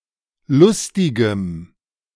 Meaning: strong dative masculine/neuter singular of lustig
- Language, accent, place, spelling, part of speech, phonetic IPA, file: German, Germany, Berlin, lustigem, adjective, [ˈlʊstɪɡəm], De-lustigem.ogg